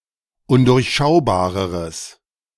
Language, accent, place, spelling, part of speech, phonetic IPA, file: German, Germany, Berlin, undurchschaubareres, adjective, [ˈʊndʊʁçˌʃaʊ̯baːʁəʁəs], De-undurchschaubareres.ogg
- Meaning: strong/mixed nominative/accusative neuter singular comparative degree of undurchschaubar